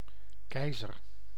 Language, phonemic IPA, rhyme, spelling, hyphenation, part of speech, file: Dutch, /ˈkɛi̯.zər/, -ɛi̯zər, keizer, kei‧zer, noun, Nl-keizer.ogg
- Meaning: emperor